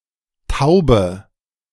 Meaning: inflection of taub: 1. strong/mixed nominative/accusative feminine singular 2. strong nominative/accusative plural 3. weak nominative all-gender singular 4. weak accusative feminine/neuter singular
- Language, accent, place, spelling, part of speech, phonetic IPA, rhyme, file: German, Germany, Berlin, taube, adjective, [ˈtaʊ̯bə], -aʊ̯bə, De-taube.ogg